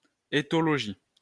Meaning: ethology
- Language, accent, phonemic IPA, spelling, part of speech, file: French, France, /e.tɔ.lɔ.ʒi/, éthologie, noun, LL-Q150 (fra)-éthologie.wav